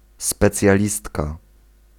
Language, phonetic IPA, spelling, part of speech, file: Polish, [ˌspɛt͡sʲjaˈlʲistka], specjalistka, noun, Pl-specjalistka.ogg